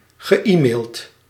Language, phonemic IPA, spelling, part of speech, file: Dutch, /ɣəˈiːˌmeːlt/, ge-e-maild, verb, Nl-ge-e-maild.ogg
- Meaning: past participle of e-mailen